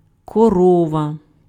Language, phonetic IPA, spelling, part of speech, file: Ukrainian, [kɔˈrɔʋɐ], корова, noun, Uk-корова.ogg
- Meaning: cow